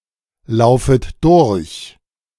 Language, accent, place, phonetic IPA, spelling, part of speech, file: German, Germany, Berlin, [ˌlaʊ̯fət ˈdʊʁç], laufet durch, verb, De-laufet durch.ogg
- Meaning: second-person plural subjunctive I of durchlaufen